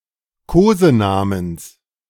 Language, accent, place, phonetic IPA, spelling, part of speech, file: German, Germany, Berlin, [ˈkoːzəˌnaːməns], Kosenamens, noun, De-Kosenamens.ogg
- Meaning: genitive of Kosename